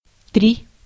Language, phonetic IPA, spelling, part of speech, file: Russian, [trʲi], три, numeral / verb, Ru-три.ogg
- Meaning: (numeral) three (3); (verb) second-person singular imperative imperfective of тере́ть (terétʹ)